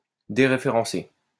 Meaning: to dereference
- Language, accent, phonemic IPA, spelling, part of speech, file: French, France, /de.ʁe.fe.ʁɑ̃.se/, déréférencer, verb, LL-Q150 (fra)-déréférencer.wav